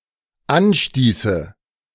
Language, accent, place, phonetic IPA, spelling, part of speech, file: German, Germany, Berlin, [ˈanˌʃtiːsə], anstieße, verb, De-anstieße.ogg
- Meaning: first/third-person singular dependent subjunctive II of anstoßen